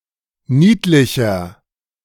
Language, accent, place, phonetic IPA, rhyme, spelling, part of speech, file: German, Germany, Berlin, [ˈniːtlɪçɐ], -iːtlɪçɐ, niedlicher, adjective, De-niedlicher.ogg
- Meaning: 1. comparative degree of niedlich 2. inflection of niedlich: strong/mixed nominative masculine singular 3. inflection of niedlich: strong genitive/dative feminine singular